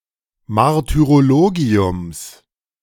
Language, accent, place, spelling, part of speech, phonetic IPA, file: German, Germany, Berlin, Martyrologiums, noun, [maʁtyʁoˈloːɡi̯ʊms], De-Martyrologiums.ogg
- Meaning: genitive singular of Martyrologium